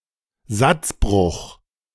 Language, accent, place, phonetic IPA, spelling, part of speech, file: German, Germany, Berlin, [ˈzatsˌbʁʊχ], Satzbruch, noun, De-Satzbruch.ogg
- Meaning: anacoluthon